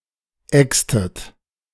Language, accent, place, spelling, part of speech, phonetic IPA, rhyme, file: German, Germany, Berlin, extet, verb, [ˈɛkstət], -ɛkstət, De-extet.ogg
- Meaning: inflection of exen: 1. second-person plural preterite 2. second-person plural subjunctive II